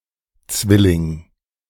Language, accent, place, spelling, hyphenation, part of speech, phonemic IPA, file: German, Germany, Berlin, Zwilling, Zwil‧ling, noun, /ˈt͡svɪlɪŋ/, De-Zwilling.ogg
- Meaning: twin (male or female; the feminine form Zwillingin is rare)